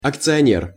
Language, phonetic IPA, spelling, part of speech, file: Russian, [ɐkt͡sɨɐˈnʲer], акционер, noun, Ru-акционер.ogg
- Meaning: shareholder